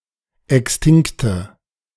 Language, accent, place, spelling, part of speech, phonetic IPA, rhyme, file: German, Germany, Berlin, extinkte, adjective, [ˌɛksˈtɪŋktə], -ɪŋktə, De-extinkte.ogg
- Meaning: inflection of extinkt: 1. strong/mixed nominative/accusative feminine singular 2. strong nominative/accusative plural 3. weak nominative all-gender singular 4. weak accusative feminine/neuter singular